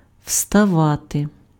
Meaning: to stand up, to get up, to rise
- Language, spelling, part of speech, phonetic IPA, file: Ukrainian, вставати, verb, [ʍstɐˈʋate], Uk-вставати.ogg